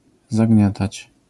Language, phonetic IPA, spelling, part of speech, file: Polish, [zaˈɟɲatat͡ɕ], zagniatać, verb, LL-Q809 (pol)-zagniatać.wav